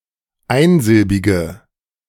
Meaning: inflection of einsilbig: 1. strong/mixed nominative/accusative feminine singular 2. strong nominative/accusative plural 3. weak nominative all-gender singular
- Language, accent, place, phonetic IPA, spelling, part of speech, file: German, Germany, Berlin, [ˈaɪ̯nˌzɪlbɪɡə], einsilbige, adjective, De-einsilbige.ogg